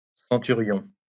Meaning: centurion (Roman officer)
- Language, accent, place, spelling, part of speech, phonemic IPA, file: French, France, Lyon, centurion, noun, /sɑ̃.ty.ʁjɔ̃/, LL-Q150 (fra)-centurion.wav